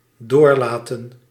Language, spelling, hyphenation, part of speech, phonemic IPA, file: Dutch, doorlaten, door‧la‧ten, verb, /ˈdoːrˌlaːtə(n)/, Nl-doorlaten.ogg
- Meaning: to let through, to allow to pass